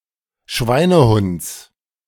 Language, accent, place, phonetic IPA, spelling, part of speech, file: German, Germany, Berlin, [ˈʃvaɪ̯nəˌhʊnt͡s], Schweinehunds, noun, De-Schweinehunds.ogg
- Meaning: genitive singular of Schweinehund